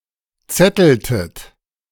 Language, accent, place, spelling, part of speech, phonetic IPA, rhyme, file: German, Germany, Berlin, zetteltet, verb, [ˈt͡sɛtl̩tət], -ɛtl̩tət, De-zetteltet.ogg
- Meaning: inflection of zetteln: 1. second-person plural preterite 2. second-person plural subjunctive II